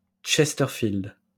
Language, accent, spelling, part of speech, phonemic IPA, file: French, France, chesterfield, noun, /tʃɛs.tœʁ.fild/, LL-Q150 (fra)-chesterfield.wav
- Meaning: A chesterfield (a couch, sofa, or love seat)